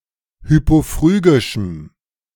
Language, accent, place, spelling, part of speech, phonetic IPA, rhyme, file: German, Germany, Berlin, hypophrygischem, adjective, [ˌhypoˈfʁyːɡɪʃm̩], -yːɡɪʃm̩, De-hypophrygischem.ogg
- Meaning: strong dative masculine/neuter singular of hypophrygisch